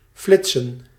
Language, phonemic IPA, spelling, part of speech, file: Dutch, /ˈflɪt.sə(n)/, flitsen, verb, Nl-flitsen.ogg
- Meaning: 1. to flash, to suddenly brightly illuminate 2. to photograph with a speed camera